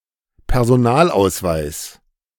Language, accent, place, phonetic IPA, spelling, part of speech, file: German, Germany, Berlin, [pɛʁzoˈnaːlʔaʊ̯sˌvaɪ̯s], Personalausweis, noun, De-Personalausweis.ogg
- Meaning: identity card, ID card